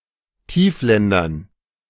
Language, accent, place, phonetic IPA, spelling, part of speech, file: German, Germany, Berlin, [ˈtiːfˌlɛndɐn], Tiefländern, noun, De-Tiefländern.ogg
- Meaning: dative plural of Tiefland